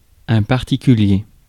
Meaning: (adjective) 1. particular 2. peculiar; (noun) an individual; a specified person
- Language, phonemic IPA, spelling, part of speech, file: French, /paʁ.ti.ky.lje/, particulier, adjective / noun, Fr-particulier.ogg